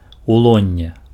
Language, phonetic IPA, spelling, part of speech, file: Belarusian, [uˈɫonʲːe], улонне, noun, Be-улонне.ogg
- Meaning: 1. belly 2. bosom, lap 3. womb 4. guts